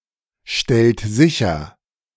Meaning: inflection of sicherstellen: 1. second-person plural present 2. third-person singular present 3. plural imperative
- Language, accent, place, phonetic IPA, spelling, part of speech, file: German, Germany, Berlin, [ˌʃtɛlt ˈzɪçɐ], stellt sicher, verb, De-stellt sicher.ogg